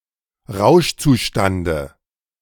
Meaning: dative of Rauschzustand
- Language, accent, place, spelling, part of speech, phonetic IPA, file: German, Germany, Berlin, Rauschzustande, noun, [ˈʁaʊ̯ʃt͡suˌʃtandə], De-Rauschzustande.ogg